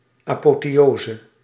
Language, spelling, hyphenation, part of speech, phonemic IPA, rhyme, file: Dutch, apotheose, apo‧the‧o‧se, noun, /ˌaː.poː.teːˈoː.zə/, -oːzə, Nl-apotheose.ogg
- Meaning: apotheosis